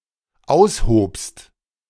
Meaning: second-person singular dependent preterite of ausheben
- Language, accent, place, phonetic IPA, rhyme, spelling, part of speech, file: German, Germany, Berlin, [ˈaʊ̯sˌhoːpst], -aʊ̯shoːpst, aushobst, verb, De-aushobst.ogg